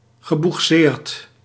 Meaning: past participle of boegseren
- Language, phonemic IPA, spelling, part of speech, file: Dutch, /ɣəbuxˈsert/, geboegseerd, verb, Nl-geboegseerd.ogg